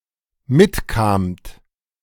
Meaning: second-person plural dependent preterite of mitkommen
- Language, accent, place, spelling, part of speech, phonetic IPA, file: German, Germany, Berlin, mitkamt, verb, [ˈmɪtˌkaːmt], De-mitkamt.ogg